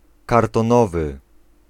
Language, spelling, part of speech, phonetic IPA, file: Polish, kartonowy, adjective, [ˌkartɔ̃ˈnɔvɨ], Pl-kartonowy.ogg